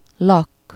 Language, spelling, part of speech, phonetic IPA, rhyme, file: Hungarian, lakk, noun, [ˈlɒkː], -ɒkː, Hu-lakk.ogg
- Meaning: 1. varnish (paint) 2. polish (nail)